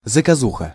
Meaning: 1. material (e.g. articles, documentaries) in the mass media made on order 2. assassination, contract murder
- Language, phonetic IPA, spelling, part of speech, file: Russian, [zəkɐˈzuxə], заказуха, noun, Ru-заказуха.ogg